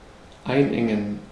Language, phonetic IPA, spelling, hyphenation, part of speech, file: German, [ˈaɪ̯nˌʔɛŋən], einengen, ein‧en‧gen, verb, De-einengen.ogg
- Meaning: 1. to constrict, contract 2. to concentrate